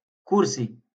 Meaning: chair
- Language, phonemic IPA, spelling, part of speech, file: Moroccan Arabic, /kur.si/, كرسي, noun, LL-Q56426 (ary)-كرسي.wav